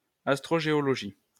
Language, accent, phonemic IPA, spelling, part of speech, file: French, France, /as.tʁo.ʒe.ɔ.lɔ.ʒi/, astrogéologie, noun, LL-Q150 (fra)-astrogéologie.wav
- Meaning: astrogeology